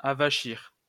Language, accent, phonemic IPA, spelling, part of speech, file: French, France, /a.va.ʃiʁ/, avachir, verb, LL-Q150 (fra)-avachir.wav
- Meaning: 1. to make soft; make limp or flabby; cause to sag 2. to render incapable of producing effort